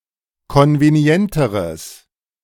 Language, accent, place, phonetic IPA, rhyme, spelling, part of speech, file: German, Germany, Berlin, [ˌkɔnveˈni̯ɛntəʁəs], -ɛntəʁəs, konvenienteres, adjective, De-konvenienteres.ogg
- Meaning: strong/mixed nominative/accusative neuter singular comparative degree of konvenient